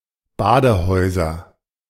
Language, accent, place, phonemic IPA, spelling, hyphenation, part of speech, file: German, Germany, Berlin, /ˈbaːdəˌhɔɪ̯zɐ/, Badehäuser, Ba‧de‧häu‧ser, noun, De-Badehäuser.ogg
- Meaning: nominative/accusative/genitive plural of Badehaus